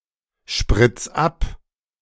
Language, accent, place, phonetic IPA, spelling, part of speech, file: German, Germany, Berlin, [ˌʃpʁɪt͡s ˈap], spritz ab, verb, De-spritz ab.ogg
- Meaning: 1. singular imperative of abspritzen 2. first-person singular present of abspritzen